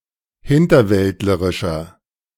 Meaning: 1. comparative degree of hinterwäldlerisch 2. inflection of hinterwäldlerisch: strong/mixed nominative masculine singular 3. inflection of hinterwäldlerisch: strong genitive/dative feminine singular
- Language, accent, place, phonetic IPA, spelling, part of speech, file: German, Germany, Berlin, [ˈhɪntɐˌvɛltləʁɪʃɐ], hinterwäldlerischer, adjective, De-hinterwäldlerischer.ogg